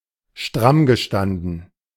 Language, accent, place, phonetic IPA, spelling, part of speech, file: German, Germany, Berlin, [ˈʃtʁamɡəˌʃtandn̩], strammgestanden, verb, De-strammgestanden.ogg
- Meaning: past participle of strammstehen